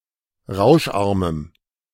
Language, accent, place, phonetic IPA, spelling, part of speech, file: German, Germany, Berlin, [ˈʁaʊ̯ʃˌʔaʁməm], rauscharmem, adjective, De-rauscharmem.ogg
- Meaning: strong dative masculine/neuter singular of rauscharm